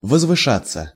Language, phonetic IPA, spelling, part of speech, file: Russian, [vəzvɨˈʂat͡sːə], возвышаться, verb, Ru-возвышаться.ogg
- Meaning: 1. to rise 2. to tower (above) 3. to surpass 4. passive of возвыша́ть (vozvyšátʹ)